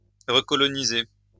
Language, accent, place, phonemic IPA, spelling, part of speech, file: French, France, Lyon, /ʁə.kɔ.lɔ.ni.ze/, recoloniser, verb, LL-Q150 (fra)-recoloniser.wav
- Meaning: to recolonize